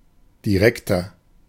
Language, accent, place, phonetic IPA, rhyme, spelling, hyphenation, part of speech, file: German, Germany, Berlin, [diˈʁɛktɐ], -ɛktɐ, direkter, di‧rek‧ter, adjective, De-direkter.ogg
- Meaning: 1. comparative degree of direkt 2. inflection of direkt: strong/mixed nominative masculine singular 3. inflection of direkt: strong genitive/dative feminine singular